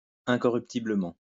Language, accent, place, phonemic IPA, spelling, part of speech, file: French, France, Lyon, /ɛ̃.kɔ.ʁyp.ti.blə.mɑ̃/, incorruptiblement, adverb, LL-Q150 (fra)-incorruptiblement.wav
- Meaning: incorruptibly